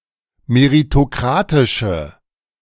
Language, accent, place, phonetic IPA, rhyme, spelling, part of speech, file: German, Germany, Berlin, [meʁitoˈkʁaːtɪʃə], -aːtɪʃə, meritokratische, adjective, De-meritokratische.ogg
- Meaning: inflection of meritokratisch: 1. strong/mixed nominative/accusative feminine singular 2. strong nominative/accusative plural 3. weak nominative all-gender singular